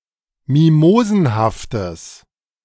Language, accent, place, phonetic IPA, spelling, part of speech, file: German, Germany, Berlin, [ˈmimoːzn̩haftəs], mimosenhaftes, adjective, De-mimosenhaftes.ogg
- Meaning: strong/mixed nominative/accusative neuter singular of mimosenhaft